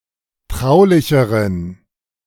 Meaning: inflection of traulich: 1. strong genitive masculine/neuter singular comparative degree 2. weak/mixed genitive/dative all-gender singular comparative degree
- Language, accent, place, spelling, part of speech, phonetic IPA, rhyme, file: German, Germany, Berlin, traulicheren, adjective, [ˈtʁaʊ̯lɪçəʁən], -aʊ̯lɪçəʁən, De-traulicheren.ogg